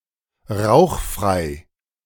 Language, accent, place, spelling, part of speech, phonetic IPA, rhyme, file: German, Germany, Berlin, rauchfrei, adjective, [ˈʁaʊ̯xˌfʁaɪ̯], -aʊ̯xfʁaɪ̯, De-rauchfrei.ogg
- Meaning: 1. smokeless (fuel etc) 2. smoke-free